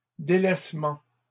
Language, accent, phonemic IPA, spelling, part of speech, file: French, Canada, /de.lɛs.mɑ̃/, délaissements, noun, LL-Q150 (fra)-délaissements.wav
- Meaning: plural of délaissement